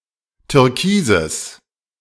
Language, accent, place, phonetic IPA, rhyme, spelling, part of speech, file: German, Germany, Berlin, [tʏʁˈkiːzəs], -iːzəs, Türkises, noun, De-Türkises.ogg
- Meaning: genitive singular of Türkis